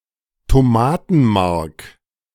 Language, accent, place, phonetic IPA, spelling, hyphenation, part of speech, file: German, Germany, Berlin, [toˈmaːtn̩ˌmaʁk], Tomatenmark, To‧ma‧ten‧mark, noun, De-Tomatenmark.ogg
- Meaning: tomato paste